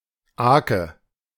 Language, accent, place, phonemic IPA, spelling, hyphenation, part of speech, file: German, Germany, Berlin, /ˈaːkə/, Aake, Aa‧ke, noun, De-Aake.ogg
- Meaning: 1. alternative form of Aak 2. nominative/accusative/genitive plural of Aak